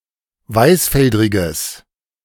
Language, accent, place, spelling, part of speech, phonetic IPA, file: German, Germany, Berlin, weißfeldriges, adjective, [ˈvaɪ̯sˌfɛldʁɪɡəs], De-weißfeldriges.ogg
- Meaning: strong/mixed nominative/accusative neuter singular of weißfeldrig